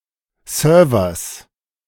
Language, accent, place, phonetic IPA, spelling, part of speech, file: German, Germany, Berlin, [ˈsœːɐ̯vɐs], Servers, noun, De-Servers.ogg
- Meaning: genitive singular of Server